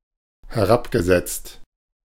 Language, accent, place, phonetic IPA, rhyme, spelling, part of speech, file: German, Germany, Berlin, [hɛˈʁapɡəˌzɛt͡st], -apɡəzɛt͡st, herabgesetzt, verb, De-herabgesetzt.ogg
- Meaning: past participle of herabsetzen